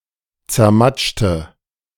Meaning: inflection of zermatschen: 1. first/third-person singular preterite 2. first/third-person singular subjunctive II
- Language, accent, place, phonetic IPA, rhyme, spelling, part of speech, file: German, Germany, Berlin, [t͡sɛɐ̯ˈmat͡ʃtə], -at͡ʃtə, zermatschte, adjective / verb, De-zermatschte.ogg